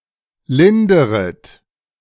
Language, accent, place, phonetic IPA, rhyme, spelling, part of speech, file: German, Germany, Berlin, [ˈlɪndəʁət], -ɪndəʁət, linderet, verb, De-linderet.ogg
- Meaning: second-person plural subjunctive I of lindern